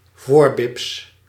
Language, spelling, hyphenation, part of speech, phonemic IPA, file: Dutch, voorbips, voor‧bips, noun, /ˈvoːr.bɪps/, Nl-voorbips.ogg
- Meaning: vulva and/or vagina; front bottom